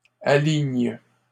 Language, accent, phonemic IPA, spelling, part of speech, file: French, Canada, /a.liɲ/, aligne, verb, LL-Q150 (fra)-aligne.wav
- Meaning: inflection of aligner: 1. first/third-person singular present indicative/subjunctive 2. second-person singular imperative